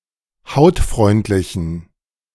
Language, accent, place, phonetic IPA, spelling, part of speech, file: German, Germany, Berlin, [ˈhaʊ̯tˌfʁɔɪ̯ntlɪçn̩], hautfreundlichen, adjective, De-hautfreundlichen.ogg
- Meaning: inflection of hautfreundlich: 1. strong genitive masculine/neuter singular 2. weak/mixed genitive/dative all-gender singular 3. strong/weak/mixed accusative masculine singular 4. strong dative plural